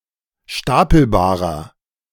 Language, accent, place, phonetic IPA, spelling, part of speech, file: German, Germany, Berlin, [ˈʃtapl̩baːʁɐ], stapelbarer, adjective, De-stapelbarer.ogg
- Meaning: inflection of stapelbar: 1. strong/mixed nominative masculine singular 2. strong genitive/dative feminine singular 3. strong genitive plural